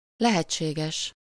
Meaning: possible
- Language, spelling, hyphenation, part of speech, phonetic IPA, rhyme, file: Hungarian, lehetséges, le‧het‧sé‧ges, adjective, [ˈlɛhɛt͡ʃːeːɡɛʃ], -ɛʃ, Hu-lehetséges.ogg